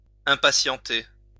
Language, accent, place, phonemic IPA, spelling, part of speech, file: French, France, Lyon, /ɛ̃.pa.sjɑ̃.te/, impatienter, verb, LL-Q150 (fra)-impatienter.wav
- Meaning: 1. to make, become impatient 2. to be losing patience, to get restless